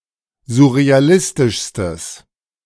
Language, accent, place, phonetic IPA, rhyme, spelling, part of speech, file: German, Germany, Berlin, [zʊʁeaˈlɪstɪʃstəs], -ɪstɪʃstəs, surrealistischstes, adjective, De-surrealistischstes.ogg
- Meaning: strong/mixed nominative/accusative neuter singular superlative degree of surrealistisch